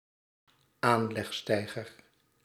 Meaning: jetty (to moor boats to)
- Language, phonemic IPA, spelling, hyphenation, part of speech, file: Dutch, /ˈaːn.lɛxˌstɛi̯.ɣər/, aanlegsteiger, aan‧leg‧stei‧ger, noun, Nl-aanlegsteiger.ogg